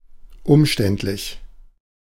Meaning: 1. complicated, long-winded 2. awkward; heavy-handed, cumbersome
- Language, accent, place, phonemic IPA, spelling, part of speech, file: German, Germany, Berlin, /ˈʊmˌʃtɛntlɪç/, umständlich, adjective, De-umständlich.ogg